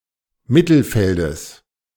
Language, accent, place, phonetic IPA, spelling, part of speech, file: German, Germany, Berlin, [ˈmɪtl̩ˌfɛldəs], Mittelfeldes, noun, De-Mittelfeldes.ogg
- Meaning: genitive singular of Mittelfeld